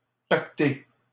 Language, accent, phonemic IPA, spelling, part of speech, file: French, Canada, /pak.te/, paqueté, adjective, LL-Q150 (fra)-paqueté.wav
- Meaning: drunk, wasted